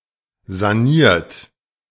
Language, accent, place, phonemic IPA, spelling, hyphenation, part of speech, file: German, Germany, Berlin, /zaˈniːɐ̯t/, saniert, sa‧niert, verb / adjective, De-saniert.ogg
- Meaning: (verb) past participle of sanieren; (adjective) renovated, reconstructed, rehabilitated, redeveloped; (verb) inflection of sanieren: 1. third-person singular present 2. second-person plural present